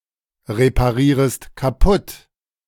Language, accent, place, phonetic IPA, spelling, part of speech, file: German, Germany, Berlin, [ʁepaˌʁiːʁəst kaˈpʊt], reparierest kaputt, verb, De-reparierest kaputt.ogg
- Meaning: second-person singular subjunctive I of kaputtreparieren